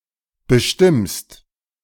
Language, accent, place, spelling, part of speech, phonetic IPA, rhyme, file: German, Germany, Berlin, bestimmst, verb, [bəˈʃtɪmst], -ɪmst, De-bestimmst.ogg
- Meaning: second-person singular present of bestimmen